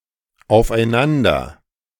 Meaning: one another, each other
- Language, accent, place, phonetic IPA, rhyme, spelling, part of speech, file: German, Germany, Berlin, [aʊ̯fʔaɪ̯ˈnandɐ], -andɐ, aufeinander, adverb, De-aufeinander.ogg